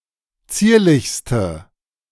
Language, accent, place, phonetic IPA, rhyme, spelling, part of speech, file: German, Germany, Berlin, [ˈt͡siːɐ̯lɪçstə], -iːɐ̯lɪçstə, zierlichste, adjective, De-zierlichste.ogg
- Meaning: inflection of zierlich: 1. strong/mixed nominative/accusative feminine singular superlative degree 2. strong nominative/accusative plural superlative degree